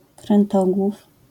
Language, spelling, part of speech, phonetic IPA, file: Polish, krętogłów, noun, [krɛ̃nˈtɔɡwuf], LL-Q809 (pol)-krętogłów.wav